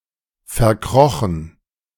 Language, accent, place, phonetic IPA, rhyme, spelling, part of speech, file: German, Germany, Berlin, [fɛɐ̯ˈkʁɔxn̩], -ɔxn̩, verkrochen, verb, De-verkrochen.ogg
- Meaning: past participle of verkriechen